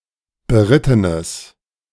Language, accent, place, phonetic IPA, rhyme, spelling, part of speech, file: German, Germany, Berlin, [bəˈʁɪtənəs], -ɪtənəs, berittenes, adjective, De-berittenes.ogg
- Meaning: strong/mixed nominative/accusative neuter singular of beritten